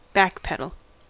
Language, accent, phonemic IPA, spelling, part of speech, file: English, US, /ˈbækˌpɛdəɫ/, backpedal, verb / noun, En-us-backpedal.ogg
- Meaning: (verb) 1. To pedal backwards on a bicycle 2. To step backwards 3. To distance oneself from an earlier claim or statement; back off from an idea; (noun) An act of backpedalling (in any sense)